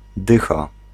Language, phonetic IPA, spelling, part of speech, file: Polish, [ˈdɨxa], dycha, noun / verb, Pl-dycha.ogg